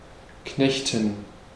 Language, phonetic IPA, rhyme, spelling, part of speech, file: German, [ˈknɛçtn̩], -ɛçtn̩, knechten, verb, De-knechten.ogg
- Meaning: 1. to enslave (to make a person an indentured Knecht) 2. to toil (work hard)